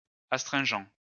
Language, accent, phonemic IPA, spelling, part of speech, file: French, France, /as.tʁɛ̃.ʒɑ̃/, astringent, adjective / noun, LL-Q150 (fra)-astringent.wav
- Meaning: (adjective) astringent